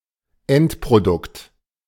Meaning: end product
- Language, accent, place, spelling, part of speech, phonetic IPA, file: German, Germany, Berlin, Endprodukt, noun, [ˈɛntpʁoˌdʊkt], De-Endprodukt.ogg